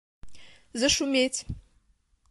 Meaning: to (begin to) make a noise, to become noisy
- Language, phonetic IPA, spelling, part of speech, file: Russian, [zəʂʊˈmʲetʲ], зашуметь, verb, Ru-зашуметь.oga